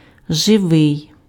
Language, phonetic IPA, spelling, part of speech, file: Ukrainian, [ʒeˈʋɪi̯], живий, adjective, Uk-живий.ogg
- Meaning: 1. live, alive 2. animate